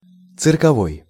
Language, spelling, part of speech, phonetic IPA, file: Russian, цирковой, adjective, [t͡sɨrkɐˈvoj], Ru-цирковой.ogg
- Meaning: circus